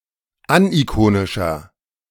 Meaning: inflection of anikonisch: 1. strong/mixed nominative masculine singular 2. strong genitive/dative feminine singular 3. strong genitive plural
- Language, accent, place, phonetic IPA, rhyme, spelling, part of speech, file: German, Germany, Berlin, [ˈanʔiˌkoːnɪʃɐ], -oːnɪʃɐ, anikonischer, adjective, De-anikonischer.ogg